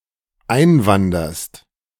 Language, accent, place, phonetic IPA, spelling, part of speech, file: German, Germany, Berlin, [ˈaɪ̯nˌvandɐst], einwanderst, verb, De-einwanderst.ogg
- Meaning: second-person singular dependent present of einwandern